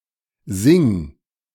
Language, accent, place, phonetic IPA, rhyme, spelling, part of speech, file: German, Germany, Berlin, [zɪŋ], -ɪŋ, sing, verb, De-sing.ogg
- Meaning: singular imperative of singen